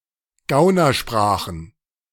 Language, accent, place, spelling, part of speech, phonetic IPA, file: German, Germany, Berlin, Gaunersprachen, noun, [ˈɡaʊ̯nɐˌʃpʁaːxn̩], De-Gaunersprachen.ogg
- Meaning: plural of Gaunersprache